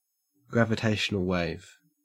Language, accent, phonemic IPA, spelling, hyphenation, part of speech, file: English, Australia, /ˌɡɹæ.vəˈteɪ.ʃə.nəl weɪv/, gravitational wave, gra‧vi‧ta‧tion‧al wave, noun, En-au-gravitational wave.ogg
- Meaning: 1. A fluctuation in spacetime caused by accelerating mass, which propagates as a wave at the speed of light 2. A gravity wave